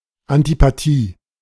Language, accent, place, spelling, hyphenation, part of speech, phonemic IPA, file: German, Germany, Berlin, Antipathie, An‧ti‧pa‧thie, noun, /antipaˈtiː/, De-Antipathie.ogg
- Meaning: antipathy